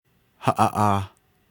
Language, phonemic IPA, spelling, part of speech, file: Navajo, /hɑ̀ʔɑ̀ʔɑ̀ːh/, haʼaʼaah, verb / noun, Nv-haʼaʼaah.ogg
- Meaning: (verb) 1. to take something unspecified out, to remove something 2. a solid roundish object (= the sun) moves up, rises; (noun) east